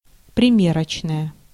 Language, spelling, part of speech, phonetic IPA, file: Russian, примерочная, noun / adjective, [prʲɪˈmʲerət͡ɕnəjə], Ru-примерочная.ogg
- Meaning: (noun) fitting room; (adjective) feminine nominative singular of приме́рочный (priméročnyj)